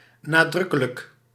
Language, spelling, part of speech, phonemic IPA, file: Dutch, nadrukkelijk, adjective, /naˈdrʏkələk/, Nl-nadrukkelijk.ogg
- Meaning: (adjective) emphatic; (adverb) emphatically